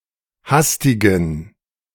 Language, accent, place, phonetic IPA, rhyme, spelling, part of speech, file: German, Germany, Berlin, [ˈhastɪɡn̩], -astɪɡn̩, hastigen, adjective, De-hastigen.ogg
- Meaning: inflection of hastig: 1. strong genitive masculine/neuter singular 2. weak/mixed genitive/dative all-gender singular 3. strong/weak/mixed accusative masculine singular 4. strong dative plural